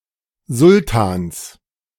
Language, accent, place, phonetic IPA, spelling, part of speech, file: German, Germany, Berlin, [ˈzʊltaːns], Sultans, noun, De-Sultans.ogg
- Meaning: genitive of Sultan